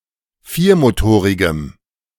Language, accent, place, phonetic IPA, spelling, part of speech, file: German, Germany, Berlin, [ˈfiːɐ̯moˌtoːʁɪɡəm], viermotorigem, adjective, De-viermotorigem.ogg
- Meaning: strong dative masculine/neuter singular of viermotorig